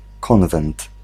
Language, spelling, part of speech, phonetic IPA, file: Polish, konwent, noun, [ˈkɔ̃nvɛ̃nt], Pl-konwent.ogg